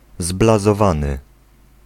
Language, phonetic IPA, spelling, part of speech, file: Polish, [ˌzblazɔˈvãnɨ], zblazowany, adjective, Pl-zblazowany.ogg